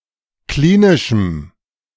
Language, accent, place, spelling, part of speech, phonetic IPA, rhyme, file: German, Germany, Berlin, klinischem, adjective, [ˈkliːnɪʃm̩], -iːnɪʃm̩, De-klinischem.ogg
- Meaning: strong dative masculine/neuter singular of klinisch